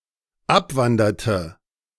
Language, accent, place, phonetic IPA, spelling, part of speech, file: German, Germany, Berlin, [ˈapˌvandɐtə], abwanderte, verb, De-abwanderte.ogg
- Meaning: inflection of abwandern: 1. first/third-person singular dependent preterite 2. first/third-person singular dependent subjunctive II